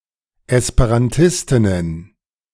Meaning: plural of Esperantistin
- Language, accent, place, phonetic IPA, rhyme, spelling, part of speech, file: German, Germany, Berlin, [ɛspeʁanˈtɪstɪnən], -ɪstɪnən, Esperantistinnen, noun, De-Esperantistinnen.ogg